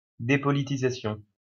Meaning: depoliticization
- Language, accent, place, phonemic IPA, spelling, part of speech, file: French, France, Lyon, /de.pɔ.li.ti.za.sjɔ̃/, dépolitisation, noun, LL-Q150 (fra)-dépolitisation.wav